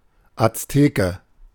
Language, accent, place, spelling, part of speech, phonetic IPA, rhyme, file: German, Germany, Berlin, Azteke, noun, [at͡sˈteːkə], -eːkə, De-Azteke.ogg
- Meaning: Aztec